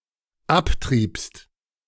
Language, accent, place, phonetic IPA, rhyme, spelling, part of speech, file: German, Germany, Berlin, [ˈapˌtʁiːpst], -aptʁiːpst, abtriebst, verb, De-abtriebst.ogg
- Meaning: second-person singular dependent preterite of abtreiben